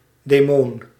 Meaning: demon (evil supernatural creature)
- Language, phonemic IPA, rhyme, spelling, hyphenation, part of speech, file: Dutch, /deːˈmoːn/, -oːn, demoon, de‧moon, noun, Nl-demoon.ogg